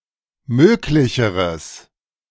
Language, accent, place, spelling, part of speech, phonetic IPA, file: German, Germany, Berlin, möglicheres, adjective, [ˈmøːklɪçəʁəs], De-möglicheres.ogg
- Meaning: strong/mixed nominative/accusative neuter singular comparative degree of möglich